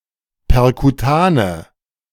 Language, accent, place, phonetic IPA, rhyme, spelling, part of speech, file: German, Germany, Berlin, [pɛʁkuˈtaːnə], -aːnə, perkutane, adjective, De-perkutane.ogg
- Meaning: inflection of perkutan: 1. strong/mixed nominative/accusative feminine singular 2. strong nominative/accusative plural 3. weak nominative all-gender singular